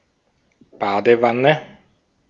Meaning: bathtub
- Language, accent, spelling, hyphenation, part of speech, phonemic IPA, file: German, Austria, Badewanne, Ba‧de‧wan‧ne, noun, /ˈbaːdəˌvanə/, De-at-Badewanne.ogg